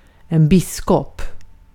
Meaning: a bishop (church official)
- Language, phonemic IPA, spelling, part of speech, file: Swedish, /²bɪsːˌkɔp/, biskop, noun, Sv-biskop.ogg